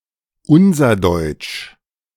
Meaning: Unserdeutsch
- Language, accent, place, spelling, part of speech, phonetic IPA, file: German, Germany, Berlin, Unserdeutsch, proper noun, [ˈʊnzɐˌdɔɪ̯t͡ʃ], De-Unserdeutsch.ogg